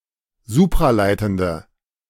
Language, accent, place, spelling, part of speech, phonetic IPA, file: German, Germany, Berlin, supraleitende, adjective, [ˈzuːpʁaˌlaɪ̯tn̩də], De-supraleitende.ogg
- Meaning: inflection of supraleitend: 1. strong/mixed nominative/accusative feminine singular 2. strong nominative/accusative plural 3. weak nominative all-gender singular